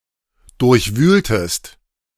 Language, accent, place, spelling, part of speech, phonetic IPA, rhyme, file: German, Germany, Berlin, durchwühltest, verb, [ˌdʊʁçˈvyːltəst], -yːltəst, De-durchwühltest.ogg
- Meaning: inflection of durchwühlen: 1. second-person singular preterite 2. second-person singular subjunctive II